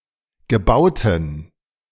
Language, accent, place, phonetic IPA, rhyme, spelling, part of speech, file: German, Germany, Berlin, [ɡəˈbaʊ̯tn̩], -aʊ̯tn̩, gebauten, adjective, De-gebauten.ogg
- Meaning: inflection of gebaut: 1. strong genitive masculine/neuter singular 2. weak/mixed genitive/dative all-gender singular 3. strong/weak/mixed accusative masculine singular 4. strong dative plural